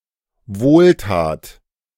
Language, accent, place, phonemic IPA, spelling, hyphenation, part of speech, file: German, Germany, Berlin, /ˈvoːlˌtaːt/, Wohltat, Wohl‧tat, noun, De-Wohltat.ogg
- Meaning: good deed, a favor